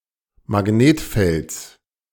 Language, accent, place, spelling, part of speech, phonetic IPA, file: German, Germany, Berlin, Magnetfelds, noun, [maˈɡneːtˌfɛlt͡s], De-Magnetfelds.ogg
- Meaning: genitive singular of Magnetfeld